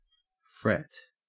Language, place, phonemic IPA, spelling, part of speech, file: English, Queensland, /fɹet/, fret, verb / noun, En-au-fret.ogg
- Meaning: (verb) 1. Especially when describing animals: to consume, devour, or eat 2. To chafe or irritate; to worry 3. To make rough, to agitate or disturb; to cause to ripple